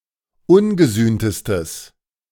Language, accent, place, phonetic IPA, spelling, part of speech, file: German, Germany, Berlin, [ˈʊnɡəˌzyːntəstəs], ungesühntestes, adjective, De-ungesühntestes.ogg
- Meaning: strong/mixed nominative/accusative neuter singular superlative degree of ungesühnt